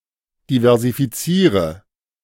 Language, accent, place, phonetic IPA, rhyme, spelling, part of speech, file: German, Germany, Berlin, [divɛʁzifiˈt͡siːʁə], -iːʁə, diversifiziere, verb, De-diversifiziere.ogg
- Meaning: inflection of diversifizieren: 1. first-person singular present 2. singular imperative 3. first/third-person singular subjunctive I